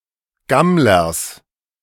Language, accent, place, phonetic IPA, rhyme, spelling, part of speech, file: German, Germany, Berlin, [ˈɡamlɐs], -amlɐs, Gammlers, noun, De-Gammlers.ogg
- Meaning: genitive singular of Gammler